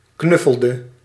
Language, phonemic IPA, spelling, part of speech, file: Dutch, /ˈknʏfəldə/, knuffelde, verb, Nl-knuffelde.ogg
- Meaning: inflection of knuffelen: 1. singular past indicative 2. singular past subjunctive